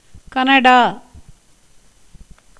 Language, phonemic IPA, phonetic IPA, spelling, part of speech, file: Tamil, /kɐnɐɖɑː/, [kɐnɐɖäː], கனடா, proper noun, Ta-கனடா.ogg
- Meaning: Canada (a country in North America)